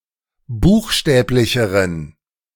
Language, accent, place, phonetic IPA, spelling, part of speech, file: German, Germany, Berlin, [ˈbuːxˌʃtɛːplɪçəʁən], buchstäblicheren, adjective, De-buchstäblicheren.ogg
- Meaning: inflection of buchstäblich: 1. strong genitive masculine/neuter singular comparative degree 2. weak/mixed genitive/dative all-gender singular comparative degree